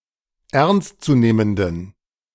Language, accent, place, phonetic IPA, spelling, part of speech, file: German, Germany, Berlin, [ˈɛʁnstt͡suˌneːməndn̩], ernstzunehmenden, adjective, De-ernstzunehmenden.ogg
- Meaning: inflection of ernstzunehmend: 1. strong genitive masculine/neuter singular 2. weak/mixed genitive/dative all-gender singular 3. strong/weak/mixed accusative masculine singular 4. strong dative plural